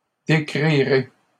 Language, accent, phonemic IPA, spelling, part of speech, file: French, Canada, /de.kʁi.ʁe/, décrirai, verb, LL-Q150 (fra)-décrirai.wav
- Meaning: first-person singular future of décrire